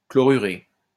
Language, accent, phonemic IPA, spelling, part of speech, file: French, France, /klɔ.ʁy.ʁe/, chlorurer, verb, LL-Q150 (fra)-chlorurer.wav
- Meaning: to chlorinate